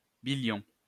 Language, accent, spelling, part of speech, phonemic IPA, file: French, France, billion, numeral, /bi.ljɔ̃/, LL-Q150 (fra)-billion.wav
- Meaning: 1. trillion (10¹²) 2. billion (10⁹)